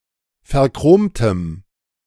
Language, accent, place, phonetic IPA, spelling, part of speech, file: German, Germany, Berlin, [fɛɐ̯ˈkʁoːmtəm], verchromtem, adjective, De-verchromtem.ogg
- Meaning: strong dative masculine/neuter singular of verchromt